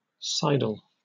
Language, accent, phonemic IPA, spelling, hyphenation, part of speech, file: English, Received Pronunciation, /ˈsaɪdl/, sidle, sid‧le, verb / noun, En-uk-sidle.oga
- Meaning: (verb) 1. To (cause something to) move sideways 2. In the intransitive sense often followed by up: to (cause something to) advance in a coy, furtive, or unobtrusive manner